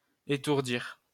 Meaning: 1. to daze, to stun 2. to tire, to wear out
- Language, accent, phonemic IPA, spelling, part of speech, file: French, France, /e.tuʁ.diʁ/, étourdir, verb, LL-Q150 (fra)-étourdir.wav